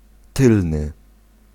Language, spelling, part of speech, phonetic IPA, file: Polish, tylny, adjective, [ˈtɨlnɨ], Pl-tylny.ogg